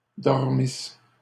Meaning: first-person singular imperfect subjunctive of dormir
- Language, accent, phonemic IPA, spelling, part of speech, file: French, Canada, /dɔʁ.mis/, dormisse, verb, LL-Q150 (fra)-dormisse.wav